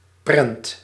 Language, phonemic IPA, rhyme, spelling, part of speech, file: Dutch, /prɛnt/, -ɛnt, prent, noun, Nl-prent.ogg
- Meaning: 1. a print, a printed picture 2. a fine 3. film, movie